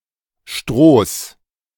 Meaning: genitive singular of Stroh
- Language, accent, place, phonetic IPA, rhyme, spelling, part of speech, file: German, Germany, Berlin, [ʃtʁoːs], -oːs, Strohs, noun, De-Strohs.ogg